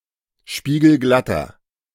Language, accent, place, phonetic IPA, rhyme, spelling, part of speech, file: German, Germany, Berlin, [ˌʃpiːɡl̩ˈɡlatɐ], -atɐ, spiegelglatter, adjective, De-spiegelglatter.ogg
- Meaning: inflection of spiegelglatt: 1. strong/mixed nominative masculine singular 2. strong genitive/dative feminine singular 3. strong genitive plural